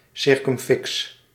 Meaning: circumfix
- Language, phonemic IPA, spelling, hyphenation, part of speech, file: Dutch, /ˈsɪrkʏmˌfɪks/, circumfix, cir‧cum‧fix, noun, Nl-circumfix.ogg